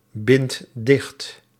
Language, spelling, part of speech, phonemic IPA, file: Dutch, bindt dicht, verb, /ˈbɪnt ˈdɪxt/, Nl-bindt dicht.ogg
- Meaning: inflection of dichtbinden: 1. second/third-person singular present indicative 2. plural imperative